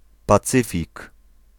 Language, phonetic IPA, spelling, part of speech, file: Polish, [paˈt͡sɨfʲik], Pacyfik, proper noun, Pl-Pacyfik.ogg